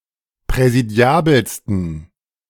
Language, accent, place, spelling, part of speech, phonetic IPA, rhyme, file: German, Germany, Berlin, präsidiabelsten, adjective, [pʁɛziˈdi̯aːbl̩stn̩], -aːbl̩stn̩, De-präsidiabelsten.ogg
- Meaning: 1. superlative degree of präsidiabel 2. inflection of präsidiabel: strong genitive masculine/neuter singular superlative degree